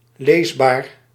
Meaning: readable, legible
- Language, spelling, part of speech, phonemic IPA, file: Dutch, leesbaar, adjective, /ˈlezbar/, Nl-leesbaar.ogg